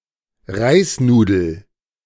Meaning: rice noodle
- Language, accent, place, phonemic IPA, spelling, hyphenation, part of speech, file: German, Germany, Berlin, /ˈʁaɪ̯sˌnuːdl̩/, Reisnudel, Reis‧nu‧del, noun, De-Reisnudel.ogg